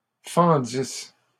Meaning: first-person singular imperfect subjunctive of fendre
- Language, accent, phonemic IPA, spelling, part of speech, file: French, Canada, /fɑ̃.dis/, fendisse, verb, LL-Q150 (fra)-fendisse.wav